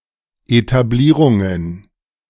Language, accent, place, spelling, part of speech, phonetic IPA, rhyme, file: German, Germany, Berlin, Etablierungen, noun, [etaˈbliːʁʊŋən], -iːʁʊŋən, De-Etablierungen.ogg
- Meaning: plural of Etablierung